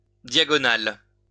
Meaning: diagonal, transverse, oblique
- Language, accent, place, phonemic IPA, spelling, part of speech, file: French, France, Lyon, /dja.ɡɔ.nal/, diagonal, adjective, LL-Q150 (fra)-diagonal.wav